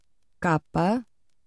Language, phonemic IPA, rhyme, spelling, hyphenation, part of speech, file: Portuguese, /ˈka.pɐ/, -apɐ, capa, ca‧pa, noun / verb, Pt capa.ogg
- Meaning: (noun) 1. cloak; cape (long outer garment worn over the shoulders covering the back) 2. cover (front and back of a book or magazine) 3. the front cover or front page of a publication